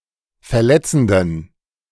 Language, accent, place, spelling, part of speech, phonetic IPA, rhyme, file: German, Germany, Berlin, verletzenden, adjective, [fɛɐ̯ˈlɛt͡sn̩dən], -ɛt͡sn̩dən, De-verletzenden.ogg
- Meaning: inflection of verletzend: 1. strong genitive masculine/neuter singular 2. weak/mixed genitive/dative all-gender singular 3. strong/weak/mixed accusative masculine singular 4. strong dative plural